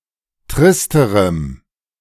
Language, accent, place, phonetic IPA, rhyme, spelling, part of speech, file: German, Germany, Berlin, [ˈtʁɪstəʁəm], -ɪstəʁəm, tristerem, adjective, De-tristerem.ogg
- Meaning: strong dative masculine/neuter singular comparative degree of trist